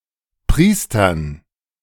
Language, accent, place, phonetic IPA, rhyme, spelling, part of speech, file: German, Germany, Berlin, [ˈpʁiːstɐn], -iːstɐn, Priestern, noun, De-Priestern.ogg
- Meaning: dative plural of Priester